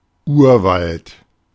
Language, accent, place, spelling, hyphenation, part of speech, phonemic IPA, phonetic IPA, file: German, Germany, Berlin, Urwald, Ur‧wald, noun, /ˈuːrˌvalt/, [ˈʔu(ː)ɐ̯ˌvalt], De-Urwald.ogg
- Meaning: 1. primeval forest, virgin forest 2. jungle